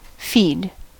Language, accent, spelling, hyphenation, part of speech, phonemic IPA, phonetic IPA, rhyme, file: English, US, feed, feed, verb / noun, /fiːd/, [fɪjd], -iːd, En-us-feed.ogg
- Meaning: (verb) 1. To give (someone or something) food to eat 2. To eat (usually of animals) 3. To give (someone or something) to (someone or something else) as food 4. To give to a machine to be processed